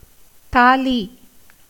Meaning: 1. tali, the central piece of a neck ornament solemnly tied by the bridegroom around the bride's neck as marriage-badge 2. a child's necklet 3. amulet tied on a child's neck 4. cowry 5. palmyra palm
- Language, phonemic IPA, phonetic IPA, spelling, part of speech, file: Tamil, /t̪ɑːliː/, [t̪äːliː], தாலி, noun, Ta-தாலி.ogg